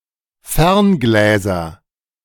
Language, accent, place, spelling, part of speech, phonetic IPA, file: German, Germany, Berlin, Ferngläser, noun, [ˈfɛʁnˌɡlɛːzɐ], De-Ferngläser.ogg
- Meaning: nominative/accusative/genitive plural of Fernglas